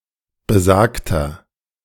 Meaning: inflection of besagt: 1. strong/mixed nominative masculine singular 2. strong genitive/dative feminine singular 3. strong genitive plural
- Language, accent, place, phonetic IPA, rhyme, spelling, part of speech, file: German, Germany, Berlin, [bəˈzaːktɐ], -aːktɐ, besagter, adjective, De-besagter.ogg